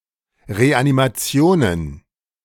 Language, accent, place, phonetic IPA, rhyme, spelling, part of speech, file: German, Germany, Berlin, [ʁeʔanimaˈt͡si̯oːnən], -oːnən, Reanimationen, noun, De-Reanimationen.ogg
- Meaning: plural of Reanimation